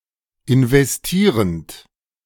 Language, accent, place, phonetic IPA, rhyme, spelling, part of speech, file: German, Germany, Berlin, [ɪnvɛsˈtiːʁənt], -iːʁənt, investierend, verb, De-investierend.ogg
- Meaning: present participle of investieren